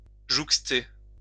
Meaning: to be next to, to be adjoined to
- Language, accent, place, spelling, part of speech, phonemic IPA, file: French, France, Lyon, jouxter, verb, /ʒuk.ste/, LL-Q150 (fra)-jouxter.wav